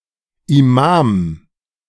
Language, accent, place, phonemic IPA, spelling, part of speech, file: German, Germany, Berlin, /iˈmaːm/, Imam, noun, De-Imam.ogg
- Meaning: 1. anyone who leads a group of Muslims in prayer 2. imam; a trained cleric who leads a congregation